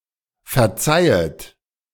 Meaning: second-person plural subjunctive I of verzeihen
- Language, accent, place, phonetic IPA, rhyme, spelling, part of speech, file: German, Germany, Berlin, [fɛɐ̯ˈt͡saɪ̯ət], -aɪ̯ət, verzeihet, verb, De-verzeihet.ogg